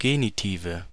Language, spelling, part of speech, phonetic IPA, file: German, Genitive, noun, [ˈɡeːnitiːvə], De-Genitive.ogg
- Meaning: nominative/accusative/genitive plural of Genitiv